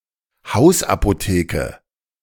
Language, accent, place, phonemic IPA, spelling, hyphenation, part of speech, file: German, Germany, Berlin, /ˈhaʊ̯sʔapoˌteːkə/, Hausapotheke, Haus‧apo‧theke, noun, De-Hausapotheke.ogg
- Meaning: medicine cabinet, medicine chest